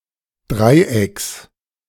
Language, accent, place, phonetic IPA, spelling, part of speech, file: German, Germany, Berlin, [ˈdʁaɪ̯ˌʔɛks], Dreiecks, noun, De-Dreiecks.ogg
- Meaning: genitive singular of Dreieck